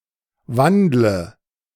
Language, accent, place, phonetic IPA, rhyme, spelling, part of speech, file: German, Germany, Berlin, [ˈvandlə], -andlə, wandle, verb, De-wandle.ogg
- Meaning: inflection of wandeln: 1. first-person singular present 2. first/third-person singular subjunctive I 3. singular imperative